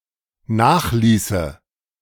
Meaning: first/third-person singular dependent subjunctive II of nachlassen
- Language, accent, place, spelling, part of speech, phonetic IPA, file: German, Germany, Berlin, nachließe, verb, [ˈnaːxˌliːsə], De-nachließe.ogg